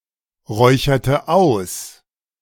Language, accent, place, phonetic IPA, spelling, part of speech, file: German, Germany, Berlin, [ˌʁɔɪ̯çɐtə ˈaʊ̯s], räucherte aus, verb, De-räucherte aus.ogg
- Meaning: inflection of ausräuchern: 1. first/third-person singular preterite 2. first/third-person singular subjunctive II